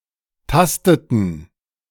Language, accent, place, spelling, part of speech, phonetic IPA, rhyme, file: German, Germany, Berlin, tasteten, verb, [ˈtastətn̩], -astətn̩, De-tasteten.ogg
- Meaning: inflection of tasten: 1. first/third-person plural preterite 2. first/third-person plural subjunctive II